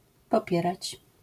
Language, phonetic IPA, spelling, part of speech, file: Polish, [pɔˈpʲjɛrat͡ɕ], popierać, verb, LL-Q809 (pol)-popierać.wav